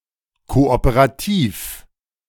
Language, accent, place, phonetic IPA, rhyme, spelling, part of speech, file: German, Germany, Berlin, [ˌkoʔopəʁaˈtiːf], -iːf, kooperativ, adjective, De-kooperativ.ogg
- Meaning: cooperative